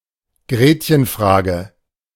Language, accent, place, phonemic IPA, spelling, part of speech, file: German, Germany, Berlin, /ˈɡʁeːtçənˌfʁaːɡə/, Gretchenfrage, noun, De-Gretchenfrage.ogg
- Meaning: 1. a question as to the addressee's religiosity or belief in God 2. a question that goes to the core of an issue, especially by exposing fundamental conflicts